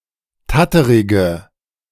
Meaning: inflection of tatterig: 1. strong/mixed nominative/accusative feminine singular 2. strong nominative/accusative plural 3. weak nominative all-gender singular
- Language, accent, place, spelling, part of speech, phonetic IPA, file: German, Germany, Berlin, tatterige, adjective, [ˈtatəʁɪɡə], De-tatterige.ogg